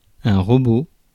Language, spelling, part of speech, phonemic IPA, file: French, robot, noun, /ʁɔ.bo/, Fr-robot.ogg
- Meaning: robot